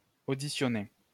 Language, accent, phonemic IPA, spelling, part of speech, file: French, France, /o.di.sjɔ.ne/, auditionner, verb, LL-Q150 (fra)-auditionner.wav
- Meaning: to audition